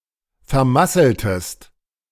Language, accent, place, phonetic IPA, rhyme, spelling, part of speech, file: German, Germany, Berlin, [fɛɐ̯ˈmasl̩təst], -asl̩təst, vermasseltest, verb, De-vermasseltest.ogg
- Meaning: inflection of vermasseln: 1. second-person singular preterite 2. second-person singular subjunctive II